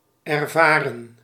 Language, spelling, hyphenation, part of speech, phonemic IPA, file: Dutch, ervaren, er‧va‧ren, verb / adjective, /ɛrˈvaːrə(n)/, Nl-ervaren.ogg
- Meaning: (verb) 1. to experience, to undergo 2. past participle of ervaren; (adjective) experienced, seasoned